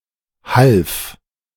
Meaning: first/third-person singular preterite of helfen
- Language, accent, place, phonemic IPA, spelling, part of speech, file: German, Germany, Berlin, /half/, half, verb, De-half.ogg